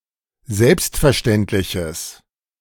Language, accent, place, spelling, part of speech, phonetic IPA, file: German, Germany, Berlin, selbstverständliches, adjective, [ˈzɛlpstfɛɐ̯ˌʃtɛntlɪçəs], De-selbstverständliches.ogg
- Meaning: strong/mixed nominative/accusative neuter singular of selbstverständlich